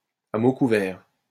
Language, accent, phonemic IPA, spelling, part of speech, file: French, France, /a mo ku.vɛʁ/, à mots couverts, adverb, LL-Q150 (fra)-à mots couverts.wav
- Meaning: in veiled terms, without spelling things out